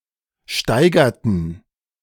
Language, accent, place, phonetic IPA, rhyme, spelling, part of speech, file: German, Germany, Berlin, [ˈʃtaɪ̯ɡɐtn̩], -aɪ̯ɡɐtn̩, steigerten, verb, De-steigerten.ogg
- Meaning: inflection of steigern: 1. first/third-person plural preterite 2. first/third-person plural subjunctive II